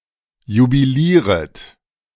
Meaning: second-person plural subjunctive I of jubilieren
- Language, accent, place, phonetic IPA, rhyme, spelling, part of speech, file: German, Germany, Berlin, [jubiˈliːʁət], -iːʁət, jubilieret, verb, De-jubilieret.ogg